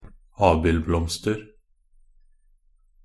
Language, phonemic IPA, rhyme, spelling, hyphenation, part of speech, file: Norwegian Bokmål, /ˈɑːbɪlblɔmstər/, -ər, abildblomster, ab‧ild‧blomst‧er, noun, Nb-abildblomster.ogg
- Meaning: indefinite plural of abildblomst